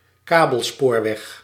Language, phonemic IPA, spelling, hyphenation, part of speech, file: Dutch, /ˈkaː.bəlˌspoːr.ʋɛx/, kabelspoorweg, ka‧bel‧spoor‧weg, noun, Nl-kabelspoorweg.ogg
- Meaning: cableway, funicular track